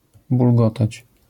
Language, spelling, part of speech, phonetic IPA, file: Polish, bulgotać, verb, [bulˈɡɔtat͡ɕ], LL-Q809 (pol)-bulgotać.wav